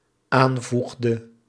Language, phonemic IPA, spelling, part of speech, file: Dutch, /ˈaɱvuɣdə/, aanvoegde, verb, Nl-aanvoegde.ogg
- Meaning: inflection of aanvoegen: 1. singular dependent-clause past indicative 2. singular dependent-clause past subjunctive